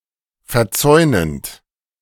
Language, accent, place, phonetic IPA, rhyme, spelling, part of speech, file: German, Germany, Berlin, [fɛɐ̯ˈt͡sɔɪ̯nənt], -ɔɪ̯nənt, verzäunend, verb, De-verzäunend.ogg
- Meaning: present participle of verzäunen